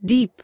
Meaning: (adjective) Extending, reaching or positioned far from a point of reference, especially downwards.: Extending far down from the top, or surface, to the bottom, literally or figuratively
- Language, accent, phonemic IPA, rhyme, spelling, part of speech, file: English, US, /diːp/, -iːp, deep, adjective / adverb / noun / verb, En-us-deep.ogg